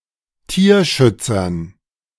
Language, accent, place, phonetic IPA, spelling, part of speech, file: German, Germany, Berlin, [ˈtiːɐ̯ˌʃʏt͡sɐn], Tierschützern, noun, De-Tierschützern.ogg
- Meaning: dative plural of Tierschützer